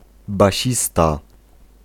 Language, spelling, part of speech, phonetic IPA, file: Polish, basista, noun, [baˈɕista], Pl-basista.ogg